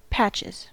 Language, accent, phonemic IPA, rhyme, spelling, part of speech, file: English, US, /ˈpæt͡ʃɪz/, -ætʃɪz, patches, noun / verb, En-us-patches.ogg
- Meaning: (noun) plural of patch; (verb) third-person singular simple present indicative of patch